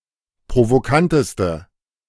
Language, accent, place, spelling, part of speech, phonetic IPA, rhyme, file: German, Germany, Berlin, provokanteste, adjective, [pʁovoˈkantəstə], -antəstə, De-provokanteste.ogg
- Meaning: inflection of provokant: 1. strong/mixed nominative/accusative feminine singular superlative degree 2. strong nominative/accusative plural superlative degree